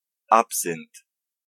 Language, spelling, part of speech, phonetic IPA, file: Polish, absynt, noun, [ˈapsɨ̃nt], Pl-absynt.ogg